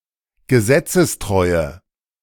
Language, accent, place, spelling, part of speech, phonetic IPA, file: German, Germany, Berlin, gesetzestreue, adjective, [ɡəˈzɛt͡səsˌtʁɔɪ̯ə], De-gesetzestreue.ogg
- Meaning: inflection of gesetzestreu: 1. strong/mixed nominative/accusative feminine singular 2. strong nominative/accusative plural 3. weak nominative all-gender singular